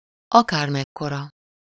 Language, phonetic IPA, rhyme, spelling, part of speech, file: Hungarian, [ˈɒkaːrmɛkːorɒ], -rɒ, akármekkora, pronoun, Hu-akármekkora.ogg
- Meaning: no matter what size, whatever size